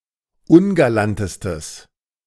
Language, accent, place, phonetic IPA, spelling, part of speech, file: German, Germany, Berlin, [ˈʊnɡalantəstəs], ungalantestes, adjective, De-ungalantestes.ogg
- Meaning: strong/mixed nominative/accusative neuter singular superlative degree of ungalant